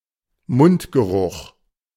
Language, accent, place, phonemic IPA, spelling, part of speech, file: German, Germany, Berlin, /ˈmʊntɡəˌʁʊχ/, Mundgeruch, noun, De-Mundgeruch.ogg
- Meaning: halitosis (condition of having foul-smelling breath)